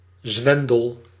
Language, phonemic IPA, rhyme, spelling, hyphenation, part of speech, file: Dutch, /ˈzʋɛn.dəl/, -ɛndəl, zwendel, zwen‧del, noun / verb, Nl-zwendel.ogg
- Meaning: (noun) swindle; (verb) inflection of zwendelen: 1. first-person singular present indicative 2. second-person singular present indicative 3. imperative